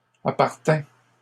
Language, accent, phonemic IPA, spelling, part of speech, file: French, Canada, /a.paʁ.tɛ̃/, appartînt, verb, LL-Q150 (fra)-appartînt.wav
- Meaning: third-person singular imperfect subjunctive of appartenir